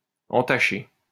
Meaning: 1. to taint 2. to blemish; to besmirch; to mar 3. to stain/harm someone's reputation
- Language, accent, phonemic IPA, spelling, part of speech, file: French, France, /ɑ̃.ta.ʃe/, entacher, verb, LL-Q150 (fra)-entacher.wav